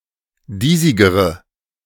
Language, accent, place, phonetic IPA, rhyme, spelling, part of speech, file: German, Germany, Berlin, [ˈdiːzɪɡəʁə], -iːzɪɡəʁə, diesigere, adjective, De-diesigere.ogg
- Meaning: inflection of diesig: 1. strong/mixed nominative/accusative feminine singular comparative degree 2. strong nominative/accusative plural comparative degree